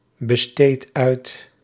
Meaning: inflection of uitbesteden: 1. first-person singular present indicative 2. second-person singular present indicative 3. imperative
- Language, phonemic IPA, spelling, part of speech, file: Dutch, /bəˈstet ˈœyt/, besteed uit, verb, Nl-besteed uit.ogg